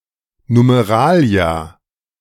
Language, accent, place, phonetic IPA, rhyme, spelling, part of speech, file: German, Germany, Berlin, [numeˈʁaːli̯a], -aːli̯a, Numeralia, noun, De-Numeralia.ogg
- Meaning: plural of Numerale